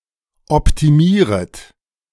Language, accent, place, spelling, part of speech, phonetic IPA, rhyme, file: German, Germany, Berlin, optimieret, verb, [ɔptiˈmiːʁət], -iːʁət, De-optimieret.ogg
- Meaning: second-person plural subjunctive I of optimieren